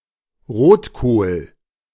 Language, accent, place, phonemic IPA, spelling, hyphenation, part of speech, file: German, Germany, Berlin, /ˈʁoːtkoːl/, Rotkohl, Rot‧kohl, noun, De-Rotkohl.ogg
- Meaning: red cabbage, Brassica oleracea var. capitata f. rubra